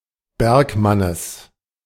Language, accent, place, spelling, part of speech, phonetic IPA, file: German, Germany, Berlin, Bergmannes, noun, [ˈbɛʁkˌmanəs], De-Bergmannes.ogg
- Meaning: genitive singular of Bergmann